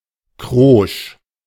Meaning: crisp, crusty
- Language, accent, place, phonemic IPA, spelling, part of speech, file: German, Germany, Berlin, /kʁɔʃ/, krosch, adjective, De-krosch.ogg